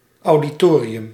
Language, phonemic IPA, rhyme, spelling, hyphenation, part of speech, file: Dutch, /ˌɑu̯.diˈtoː.ri.ʏm/, -oːriʏm, auditorium, audi‧to‧ri‧um, noun, Nl-auditorium.ogg
- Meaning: auditorium (large room for speeches, meetings, performances, etc.)